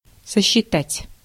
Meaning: to count, to calculate, to compute
- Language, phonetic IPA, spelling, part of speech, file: Russian, [səɕːɪˈtatʲ], сосчитать, verb, Ru-сосчитать.ogg